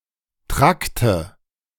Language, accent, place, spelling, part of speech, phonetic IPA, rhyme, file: German, Germany, Berlin, Trakte, noun, [ˈtʁaktə], -aktə, De-Trakte.ogg
- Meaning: nominative/accusative/genitive plural of Trakt